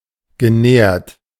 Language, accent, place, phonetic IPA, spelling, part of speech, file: German, Germany, Berlin, [ɡəˈnɛːɐt], genähert, verb, De-genähert.ogg
- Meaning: past participle of nähern